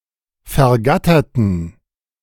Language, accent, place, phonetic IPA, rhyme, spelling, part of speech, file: German, Germany, Berlin, [fɛɐ̯ˈɡatɐtn̩], -atɐtn̩, vergatterten, adjective / verb, De-vergatterten.ogg
- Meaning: inflection of vergattern: 1. first/third-person plural preterite 2. first/third-person plural subjunctive II